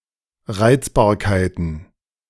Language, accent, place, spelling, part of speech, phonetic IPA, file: German, Germany, Berlin, Reizbarkeiten, noun, [ˈʁaɪ̯t͡sbaːɐ̯kaɪ̯tn̩], De-Reizbarkeiten.ogg
- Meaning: plural of Reizbarkeit